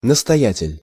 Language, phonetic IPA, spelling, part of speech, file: Russian, [nəstɐˈjætʲɪlʲ], настоятель, noun, Ru-настоятель.ogg
- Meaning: prior, abbot, father superior (superior or head of an abbey or monastery)